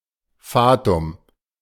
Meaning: Fate
- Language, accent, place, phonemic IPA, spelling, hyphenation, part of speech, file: German, Germany, Berlin, /ˈfaːtʊm/, Fatum, Fa‧tum, noun, De-Fatum.ogg